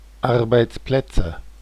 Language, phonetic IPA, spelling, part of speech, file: German, [ˈaʁbaɪ̯t͡sˌplɛt͡sə], Arbeitsplätze, noun, De-Arbeitsplätze.oga
- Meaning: nominative/accusative/genitive plural of Arbeitsplatz